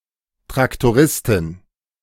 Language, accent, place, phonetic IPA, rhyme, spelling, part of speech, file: German, Germany, Berlin, [tʁaktoˈʁɪstɪn], -ɪstɪn, Traktoristin, noun, De-Traktoristin.ogg
- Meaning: female tractor driver